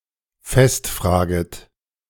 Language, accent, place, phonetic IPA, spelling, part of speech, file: German, Germany, Berlin, [ˈfɛstˌfr̺aːɡət], festfraget, verb, De-festfraget.ogg
- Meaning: second-person plural subjunctive I of festfragen